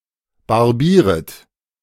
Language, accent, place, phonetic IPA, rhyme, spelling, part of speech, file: German, Germany, Berlin, [baʁˈbiːʁət], -iːʁət, barbieret, verb, De-barbieret.ogg
- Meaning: second-person plural subjunctive I of barbieren